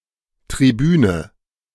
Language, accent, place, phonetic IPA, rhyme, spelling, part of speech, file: German, Germany, Berlin, [tʁiˈbyːnə], -yːnə, Tribüne, noun, De-Tribüne.ogg
- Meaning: 1. grandstand (sitting area of a stadium) 2. platform, rostrum (for a speaker)